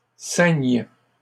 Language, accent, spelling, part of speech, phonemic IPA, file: French, Canada, ceignent, verb, /sɛɲ/, LL-Q150 (fra)-ceignent.wav
- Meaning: third-person plural present indicative/subjunctive of ceindre